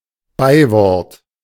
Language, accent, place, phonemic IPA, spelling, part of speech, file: German, Germany, Berlin, /ˈbaɪ̯vɔʁt/, Beiwort, noun, De-Beiwort.ogg
- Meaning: 1. adjective 2. adverb 3. epithet (term used to characterize a person or thing)